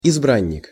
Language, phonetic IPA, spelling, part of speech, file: Russian, [ɪzˈbranʲːɪk], избранник, noun, Ru-избранник.ogg
- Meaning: 1. the chosen one; (the) elect 2. darling, sweetheart